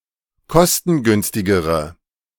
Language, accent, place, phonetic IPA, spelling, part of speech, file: German, Germany, Berlin, [ˈkɔstn̩ˌɡʏnstɪɡəʁə], kostengünstigere, adjective, De-kostengünstigere.ogg
- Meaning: inflection of kostengünstig: 1. strong/mixed nominative/accusative feminine singular comparative degree 2. strong nominative/accusative plural comparative degree